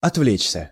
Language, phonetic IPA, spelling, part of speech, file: Russian, [ɐtˈvlʲet͡ɕsʲə], отвлечься, verb, Ru-отвлечься.ogg
- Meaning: 1. to be distracted, to deflect/divert one's attention away 2. to digress 3. to abstract oneself 4. passive of отвле́чь (otvléčʹ)